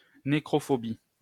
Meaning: necrophobia
- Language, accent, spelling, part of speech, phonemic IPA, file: French, France, nécrophobie, noun, /ne.kʁɔ.fɔ.bi/, LL-Q150 (fra)-nécrophobie.wav